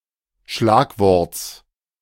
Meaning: genitive singular of Schlagwort
- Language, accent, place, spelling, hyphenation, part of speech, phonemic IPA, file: German, Germany, Berlin, Schlagworts, Schlag‧worts, noun, /ˈʃlaːkˌvɔʁts/, De-Schlagworts.ogg